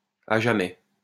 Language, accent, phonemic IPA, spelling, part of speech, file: French, France, /a ʒa.mɛ/, à jamais, adverb, LL-Q150 (fra)-à jamais.wav
- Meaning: forever and ever, forevermore, forever